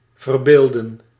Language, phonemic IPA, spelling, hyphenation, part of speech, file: Dutch, /vərˈbeːl.də(n)/, verbeelden, ver‧beel‧den, verb, Nl-verbeelden.ogg
- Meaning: 1. to depict 2. to imagine